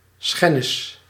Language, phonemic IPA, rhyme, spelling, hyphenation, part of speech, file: Dutch, /ˈsxɛnɪs/, -ɛnɪs, schennis, schen‧nis, noun, Nl-schennis.ogg
- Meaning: 1. an active or passive case of hurting, damaging 2. an immoral violation of a person, obligation or rule 3. a result of the above: shame, dishonor, scandal